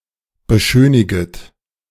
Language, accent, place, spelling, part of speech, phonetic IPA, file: German, Germany, Berlin, beschöniget, verb, [bəˈʃøːnɪɡət], De-beschöniget.ogg
- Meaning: second-person plural subjunctive I of beschönigen